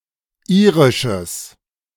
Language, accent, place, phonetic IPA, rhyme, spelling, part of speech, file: German, Germany, Berlin, [ˈiːʁɪʃəs], -iːʁɪʃəs, irisches, adjective, De-irisches.ogg
- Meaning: strong/mixed nominative/accusative neuter singular of irisch